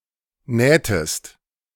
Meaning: inflection of nähen: 1. second-person singular preterite 2. second-person singular subjunctive II
- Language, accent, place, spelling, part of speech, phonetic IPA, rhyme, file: German, Germany, Berlin, nähtest, verb, [ˈnɛːtəst], -ɛːtəst, De-nähtest.ogg